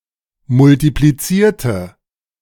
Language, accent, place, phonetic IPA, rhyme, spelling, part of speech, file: German, Germany, Berlin, [mʊltipliˈt͡siːɐ̯tə], -iːɐ̯tə, multiplizierte, adjective / verb, De-multiplizierte.ogg
- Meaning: inflection of multiplizieren: 1. first/third-person singular preterite 2. first/third-person singular subjunctive II